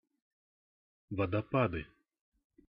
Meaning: nominative/accusative plural of водопа́д (vodopád)
- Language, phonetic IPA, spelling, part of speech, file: Russian, [vədɐˈpadɨ], водопады, noun, Ru-водопады.ogg